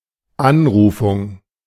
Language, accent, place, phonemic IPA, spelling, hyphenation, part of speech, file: German, Germany, Berlin, /ˈanˌʁuːfʊŋ/, Anrufung, An‧ru‧fung, noun, De-Anrufung.ogg
- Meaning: invocation